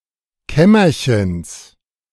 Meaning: genitive of Kämmerchen
- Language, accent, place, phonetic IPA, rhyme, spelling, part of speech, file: German, Germany, Berlin, [ˈkɛmɐçəns], -ɛmɐçəns, Kämmerchens, noun, De-Kämmerchens.ogg